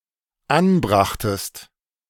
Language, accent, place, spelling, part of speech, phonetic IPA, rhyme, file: German, Germany, Berlin, anbrachtest, verb, [ˈanˌbʁaxtəst], -anbʁaxtəst, De-anbrachtest.ogg
- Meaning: second-person singular dependent preterite of anbringen